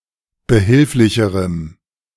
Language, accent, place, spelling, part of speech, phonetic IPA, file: German, Germany, Berlin, behilflicherem, adjective, [bəˈhɪlflɪçəʁəm], De-behilflicherem.ogg
- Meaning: strong dative masculine/neuter singular comparative degree of behilflich